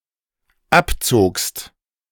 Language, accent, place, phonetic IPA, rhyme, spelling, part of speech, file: German, Germany, Berlin, [ˈapˌt͡soːkst], -apt͡soːkst, abzogst, verb, De-abzogst.ogg
- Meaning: second-person singular dependent preterite of abziehen